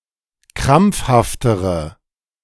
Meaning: inflection of krampfhaft: 1. strong/mixed nominative/accusative feminine singular comparative degree 2. strong nominative/accusative plural comparative degree
- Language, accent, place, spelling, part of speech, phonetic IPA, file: German, Germany, Berlin, krampfhaftere, adjective, [ˈkʁamp͡fhaftəʁə], De-krampfhaftere.ogg